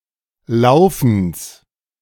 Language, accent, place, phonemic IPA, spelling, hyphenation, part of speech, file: German, Germany, Berlin, /ˈlaʊ̯fn̩s/, Laufens, Lau‧fens, noun, De-Laufens.ogg
- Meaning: genitive singular of Laufen